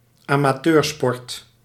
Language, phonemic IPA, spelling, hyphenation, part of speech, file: Dutch, /aː.maːˈtøːrˌspɔrt/, amateursport, ama‧teur‧sport, noun, Nl-amateursport.ogg
- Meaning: amateur sports